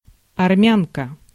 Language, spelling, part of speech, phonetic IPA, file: Russian, армянка, noun, [ɐrˈmʲankə], Ru-армянка.ogg
- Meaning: female equivalent of армяни́н (armjanín): female Armenian (citizen, resident, or of heritage)